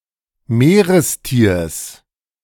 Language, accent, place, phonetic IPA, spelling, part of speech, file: German, Germany, Berlin, [ˈmeːʁəsˌtiːɐ̯s], Meerestiers, noun, De-Meerestiers.ogg
- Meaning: genitive singular of Meerestier